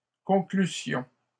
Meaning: first-person plural imperfect subjunctive of conclure
- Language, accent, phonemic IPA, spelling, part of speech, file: French, Canada, /kɔ̃.kly.sjɔ̃/, conclussions, verb, LL-Q150 (fra)-conclussions.wav